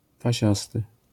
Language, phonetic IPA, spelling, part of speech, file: Polish, [paˈɕastɨ], pasiasty, adjective, LL-Q809 (pol)-pasiasty.wav